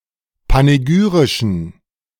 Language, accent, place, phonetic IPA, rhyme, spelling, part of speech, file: German, Germany, Berlin, [paneˈɡyːʁɪʃn̩], -yːʁɪʃn̩, panegyrischen, adjective, De-panegyrischen.ogg
- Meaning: inflection of panegyrisch: 1. strong genitive masculine/neuter singular 2. weak/mixed genitive/dative all-gender singular 3. strong/weak/mixed accusative masculine singular 4. strong dative plural